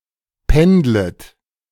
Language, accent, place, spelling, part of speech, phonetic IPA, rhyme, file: German, Germany, Berlin, pendlet, verb, [ˈpɛndlət], -ɛndlət, De-pendlet.ogg
- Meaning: second-person plural subjunctive I of pendeln